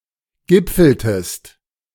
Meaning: inflection of gipfeln: 1. second-person singular preterite 2. second-person singular subjunctive II
- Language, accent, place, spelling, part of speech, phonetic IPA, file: German, Germany, Berlin, gipfeltest, verb, [ˈɡɪp͡fl̩təst], De-gipfeltest.ogg